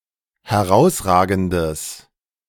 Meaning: strong/mixed nominative/accusative neuter singular of herausragend
- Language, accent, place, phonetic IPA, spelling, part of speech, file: German, Germany, Berlin, [hɛˈʁaʊ̯sˌʁaːɡn̩dəs], herausragendes, adjective, De-herausragendes.ogg